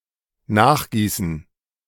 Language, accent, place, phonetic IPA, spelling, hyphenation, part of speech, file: German, Germany, Berlin, [ˈnaːxˌɡiːsn̩], nachgießen, nach‧gie‧ßen, verb, De-nachgießen.ogg
- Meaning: to top up